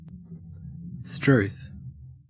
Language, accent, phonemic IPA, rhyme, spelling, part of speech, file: English, Australia, /stɹuːθ/, -uːθ, strewth, interjection, En-au-strewth.ogg
- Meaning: A mild oath expressing surprise or generally adding emphasis